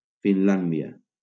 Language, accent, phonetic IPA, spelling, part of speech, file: Catalan, Valencia, [finˈlan.di.a], Finlàndia, proper noun, LL-Q7026 (cat)-Finlàndia.wav
- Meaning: Finland (a country in Northern Europe)